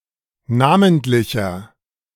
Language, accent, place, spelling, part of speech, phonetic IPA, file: German, Germany, Berlin, namentlicher, adjective, [ˈnaːməntlɪçɐ], De-namentlicher.ogg
- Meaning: inflection of namentlich: 1. strong/mixed nominative masculine singular 2. strong genitive/dative feminine singular 3. strong genitive plural